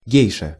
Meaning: geisha
- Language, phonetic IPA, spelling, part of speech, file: Russian, [ˈɡʲejʂə], гейша, noun, Ru-гейша.ogg